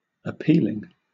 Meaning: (adjective) Having appeal; attractive; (verb) present participle and gerund of appeal; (noun) The act of making an appeal
- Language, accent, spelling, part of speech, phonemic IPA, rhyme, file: English, Southern England, appealing, adjective / verb / noun, /əˈpiː.lɪŋ/, -iːlɪŋ, LL-Q1860 (eng)-appealing.wav